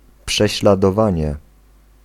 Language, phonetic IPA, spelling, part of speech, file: Polish, [ˌpʃɛɕladɔˈvãɲɛ], prześladowanie, noun, Pl-prześladowanie.ogg